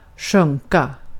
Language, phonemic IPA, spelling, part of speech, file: Swedish, /ˈɧɵŋːˌka/, sjunka, verb, Sv-sjunka.ogg
- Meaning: 1. to sink 2. to lower, to decrease 3. to collapse (mainly of people)